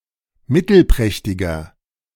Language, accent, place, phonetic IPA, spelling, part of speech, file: German, Germany, Berlin, [ˈmɪtl̩ˌpʁɛçtɪɡɐ], mittelprächtiger, adjective, De-mittelprächtiger.ogg
- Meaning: inflection of mittelprächtig: 1. strong/mixed nominative masculine singular 2. strong genitive/dative feminine singular 3. strong genitive plural